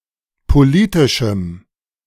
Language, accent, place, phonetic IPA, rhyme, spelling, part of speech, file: German, Germany, Berlin, [poˈliːtɪʃm̩], -iːtɪʃm̩, politischem, adjective, De-politischem.ogg
- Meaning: strong dative masculine/neuter singular of politisch